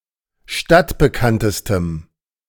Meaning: strong dative masculine/neuter singular superlative degree of stadtbekannt
- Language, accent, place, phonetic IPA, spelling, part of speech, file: German, Germany, Berlin, [ˈʃtatbəˌkantəstəm], stadtbekanntestem, adjective, De-stadtbekanntestem.ogg